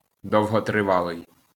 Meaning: long-lasting, of long duration, prolonged
- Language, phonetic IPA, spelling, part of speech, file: Ukrainian, [dɔu̯ɦɔtreˈʋaɫei̯], довготривалий, adjective, LL-Q8798 (ukr)-довготривалий.wav